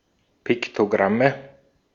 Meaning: nominative/accusative/genitive plural of Piktogramm
- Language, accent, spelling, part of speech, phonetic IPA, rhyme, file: German, Austria, Piktogramme, noun, [ˌpɪktoˈɡʁamə], -amə, De-at-Piktogramme.ogg